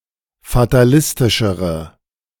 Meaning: inflection of fatalistisch: 1. strong/mixed nominative/accusative feminine singular comparative degree 2. strong nominative/accusative plural comparative degree
- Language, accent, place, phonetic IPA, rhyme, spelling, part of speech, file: German, Germany, Berlin, [fataˈlɪstɪʃəʁə], -ɪstɪʃəʁə, fatalistischere, adjective, De-fatalistischere.ogg